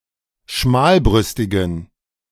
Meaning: inflection of schmalbrüstig: 1. strong genitive masculine/neuter singular 2. weak/mixed genitive/dative all-gender singular 3. strong/weak/mixed accusative masculine singular 4. strong dative plural
- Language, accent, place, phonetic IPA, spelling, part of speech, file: German, Germany, Berlin, [ˈʃmaːlˌbʁʏstɪɡn̩], schmalbrüstigen, adjective, De-schmalbrüstigen.ogg